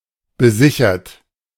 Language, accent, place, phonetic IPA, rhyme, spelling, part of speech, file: German, Germany, Berlin, [bəˈzɪçɐt], -ɪçɐt, besichert, verb, De-besichert.ogg
- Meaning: 1. past participle of besichern 2. inflection of besichern: third-person singular present 3. inflection of besichern: second-person plural present 4. inflection of besichern: plural imperative